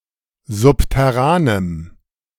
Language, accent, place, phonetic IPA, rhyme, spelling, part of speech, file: German, Germany, Berlin, [ˌzʊptɛˈʁaːnəm], -aːnəm, subterranem, adjective, De-subterranem.ogg
- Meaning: strong dative masculine/neuter singular of subterran